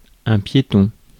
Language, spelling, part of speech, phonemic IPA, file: French, piéton, adjective / noun, /pje.tɔ̃/, Fr-piéton.ogg
- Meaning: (adjective) pedestrianized / pedestrianised; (noun) pedestrian